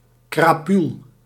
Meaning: 1. scum, odious people 2. scumbag, odious person
- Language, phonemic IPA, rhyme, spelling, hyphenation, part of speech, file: Dutch, /kraːˈpyl/, -yl, crapuul, cra‧puul, noun, Nl-crapuul.ogg